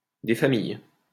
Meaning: good old, nice little, plain old
- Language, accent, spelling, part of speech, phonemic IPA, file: French, France, des familles, adjective, /de fa.mij/, LL-Q150 (fra)-des familles.wav